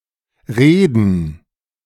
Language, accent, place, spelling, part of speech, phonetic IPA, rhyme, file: German, Germany, Berlin, Reeden, noun, [ˈʁeːdn̩], -eːdn̩, De-Reeden.ogg
- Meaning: plural of Reede